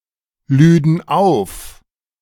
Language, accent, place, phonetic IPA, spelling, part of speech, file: German, Germany, Berlin, [ˌlyːdn̩ ˈaʊ̯f], lüden auf, verb, De-lüden auf.ogg
- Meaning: first/third-person plural subjunctive II of aufladen